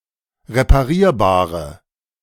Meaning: inflection of reparierbar: 1. strong/mixed nominative/accusative feminine singular 2. strong nominative/accusative plural 3. weak nominative all-gender singular
- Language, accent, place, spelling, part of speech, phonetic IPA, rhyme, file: German, Germany, Berlin, reparierbare, adjective, [ʁepaˈʁiːɐ̯baːʁə], -iːɐ̯baːʁə, De-reparierbare.ogg